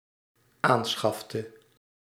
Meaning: inflection of aanschaffen: 1. singular dependent-clause past indicative 2. singular dependent-clause past subjunctive
- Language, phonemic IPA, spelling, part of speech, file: Dutch, /ˈansxɑftə/, aanschafte, verb, Nl-aanschafte.ogg